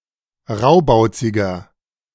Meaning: 1. comparative degree of raubauzig 2. inflection of raubauzig: strong/mixed nominative masculine singular 3. inflection of raubauzig: strong genitive/dative feminine singular
- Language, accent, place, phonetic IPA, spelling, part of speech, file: German, Germany, Berlin, [ˈʁaʊ̯baʊ̯t͡sɪɡɐ], raubauziger, adjective, De-raubauziger.ogg